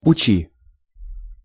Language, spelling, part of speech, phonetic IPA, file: Russian, учи, verb, [ʊˈt͡ɕi], Ru-учи.ogg
- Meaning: second-person singular imperative imperfective of учи́ть (učítʹ)